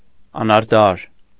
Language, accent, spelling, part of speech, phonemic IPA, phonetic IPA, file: Armenian, Eastern Armenian, անարդար, adjective, /ɑnɑɾˈtʰɑɾ/, [ɑnɑɾtʰɑ́ɾ], Hy-անարդար.ogg
- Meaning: unjust, unfair, inequitable